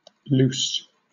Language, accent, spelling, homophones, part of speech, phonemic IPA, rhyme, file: English, Southern England, luce, loose, noun, /luːs/, -uːs, LL-Q1860 (eng)-luce.wav
- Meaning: The pike, Esox lucius, when fully grown